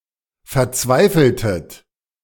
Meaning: inflection of verzweifeln: 1. second-person plural preterite 2. second-person plural subjunctive II
- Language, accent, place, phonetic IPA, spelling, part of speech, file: German, Germany, Berlin, [fɛɐ̯ˈt͡svaɪ̯fl̩tət], verzweifeltet, verb, De-verzweifeltet.ogg